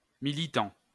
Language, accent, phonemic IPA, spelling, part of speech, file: French, France, /mi.li.tɑ̃/, militant, adjective / noun / verb, LL-Q150 (fra)-militant.wav
- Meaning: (adjective) militant; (noun) an activist, campaigner; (verb) present participle of militer